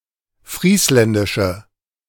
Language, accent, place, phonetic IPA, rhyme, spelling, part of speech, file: German, Germany, Berlin, [ˈfʁiːslɛndɪʃə], -iːslɛndɪʃə, friesländische, adjective, De-friesländische.ogg
- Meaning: inflection of friesländisch: 1. strong/mixed nominative/accusative feminine singular 2. strong nominative/accusative plural 3. weak nominative all-gender singular